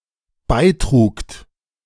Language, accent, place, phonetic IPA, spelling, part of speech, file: German, Germany, Berlin, [ˈbaɪ̯ˌtʁuːkt], beitrugt, verb, De-beitrugt.ogg
- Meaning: second-person plural dependent preterite of beitragen